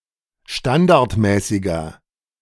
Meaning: inflection of standardmäßig: 1. strong/mixed nominative masculine singular 2. strong genitive/dative feminine singular 3. strong genitive plural
- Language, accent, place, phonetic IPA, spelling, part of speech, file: German, Germany, Berlin, [ˈʃtandaʁtˌmɛːsɪɡɐ], standardmäßiger, adjective, De-standardmäßiger.ogg